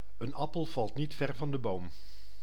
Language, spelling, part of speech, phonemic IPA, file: Dutch, een appel valt niet ver van de boom, proverb, /ən ˈɑ.pəl ˌvɑlt ˈnit ˌfɛr vɑn də ˈboːm/, Nl-een appel valt niet ver van de boom.ogg
- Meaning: uncommon form of de appel valt niet ver van de boom